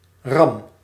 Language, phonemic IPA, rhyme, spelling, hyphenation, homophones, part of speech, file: Dutch, /rɑm/, -ɑm, Ram, Ram, ram / RAM, proper noun, Nl-Ram.ogg
- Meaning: Aries